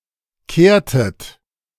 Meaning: inflection of kehren: 1. second-person plural preterite 2. second-person plural subjunctive II
- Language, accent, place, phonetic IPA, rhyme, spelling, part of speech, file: German, Germany, Berlin, [ˈkeːɐ̯tət], -eːɐ̯tət, kehrtet, verb, De-kehrtet.ogg